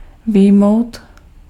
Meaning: 1. to cut (graphical user interface) 2. to exclude or exempt
- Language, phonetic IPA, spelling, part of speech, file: Czech, [ˈvɪjmou̯t], vyjmout, verb, Cs-vyjmout.ogg